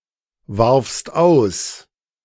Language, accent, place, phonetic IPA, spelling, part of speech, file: German, Germany, Berlin, [ˌvaʁfst ˈaʊ̯s], warfst aus, verb, De-warfst aus.ogg
- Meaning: second-person singular preterite of auswerfen